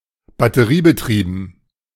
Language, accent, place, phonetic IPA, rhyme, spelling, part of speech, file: German, Germany, Berlin, [batəˈʁiːbəˌtʁiːbn̩], -iːbətʁiːbn̩, batteriebetrieben, adjective, De-batteriebetrieben.ogg
- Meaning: battery-powered